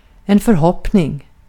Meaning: hope (for something concrete rather than hope in general)
- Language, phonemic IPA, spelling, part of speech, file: Swedish, /fœrˈhɔpːnɪŋ/, förhoppning, noun, Sv-förhoppning.ogg